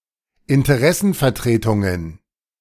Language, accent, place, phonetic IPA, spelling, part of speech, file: German, Germany, Berlin, [ɪntəˈʁɛsn̩fɛɐ̯ˌtʁeːtʊŋən], Interessenvertretungen, noun, De-Interessenvertretungen.ogg
- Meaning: plural of Interessenvertretung